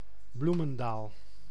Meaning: 1. a village and municipality of North Holland, Netherlands 2. a neighbourhood and former municipality of Gouda, South Holland, Netherlands
- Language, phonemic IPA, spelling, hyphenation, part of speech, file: Dutch, /ˈblu.mə(n)ˌdaːl/, Bloemendaal, Bloe‧men‧daal, proper noun, Nl-Bloemendaal.ogg